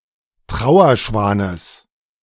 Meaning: genitive of Trauerschwan
- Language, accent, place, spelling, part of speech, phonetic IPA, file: German, Germany, Berlin, Trauerschwanes, noun, [ˈtʁaʊ̯ɐˌʃvaːnəs], De-Trauerschwanes.ogg